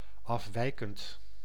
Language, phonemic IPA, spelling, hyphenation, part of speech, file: Dutch, /ˌɑfˈʋɛi̯.kənt/, afwijkend, af‧wij‧kend, adjective / verb, Nl-afwijkend.ogg
- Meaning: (adjective) deviating, differing; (verb) present participle of afwijken